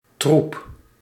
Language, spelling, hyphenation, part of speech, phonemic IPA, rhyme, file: Dutch, troep, troep, noun, /trup/, -up, Nl-troep.ogg
- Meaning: 1. group of people or animals (such as a pride of lions or a herd of cows) 2. troop 3. mess, disorder 4. something unwanted or poor quality; rubbish, gunk, crap, shit